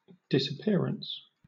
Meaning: 1. The action of disappearing or vanishing 2. Passing out of sight 3. Leaving secretly of without explanation 4. Cessation of existence
- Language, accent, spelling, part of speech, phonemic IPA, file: English, Southern England, disappearance, noun, /dɪsəˈpɪəɹəns/, LL-Q1860 (eng)-disappearance.wav